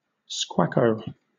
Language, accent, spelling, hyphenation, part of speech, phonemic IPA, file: English, Southern England, squacco, squac‧co, noun, /ˈskwækəʊ/, LL-Q1860 (eng)-squacco.wav
- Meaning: A species of pond heron, Ardeola ralloides, which is small, and brown and white in colour; it is found in Asia, Northern Africa, and Southern Europe